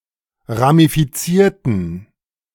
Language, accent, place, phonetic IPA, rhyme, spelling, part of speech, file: German, Germany, Berlin, [ʁamifiˈt͡siːɐ̯tn̩], -iːɐ̯tn̩, ramifizierten, verb, De-ramifizierten.ogg
- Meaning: inflection of ramifizieren: 1. first/third-person plural preterite 2. first/third-person plural subjunctive II